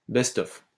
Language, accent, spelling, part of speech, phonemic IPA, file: French, France, best of, noun, /bɛst ɔf/, LL-Q150 (fra)-best of.wav
- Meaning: best of (compilation)